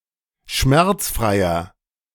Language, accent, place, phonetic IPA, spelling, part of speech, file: German, Germany, Berlin, [ˈʃmɛʁt͡sˌfʁaɪ̯ɐ], schmerzfreier, adjective, De-schmerzfreier.ogg
- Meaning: 1. comparative degree of schmerzfrei 2. inflection of schmerzfrei: strong/mixed nominative masculine singular 3. inflection of schmerzfrei: strong genitive/dative feminine singular